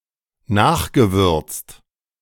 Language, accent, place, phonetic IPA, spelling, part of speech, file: German, Germany, Berlin, [ˈnaːxɡəˌvʏʁt͡st], nachgewürzt, verb, De-nachgewürzt.ogg
- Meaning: past participle of nachwürzen